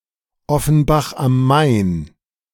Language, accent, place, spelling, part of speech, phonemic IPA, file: German, Germany, Berlin, Offenbach am Main, proper noun, /ˈɔfənbaχ am ˈmaɪ̯n/, De-Offenbach am Main.ogg
- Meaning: Offenbach am Main (an independent city in Hesse, Germany, next to the Main)